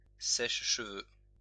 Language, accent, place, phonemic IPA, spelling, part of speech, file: French, France, Lyon, /sɛʃ.ʃə.vø/, sèche-cheveux, noun, LL-Q150 (fra)-sèche-cheveux.wav
- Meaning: hairdryer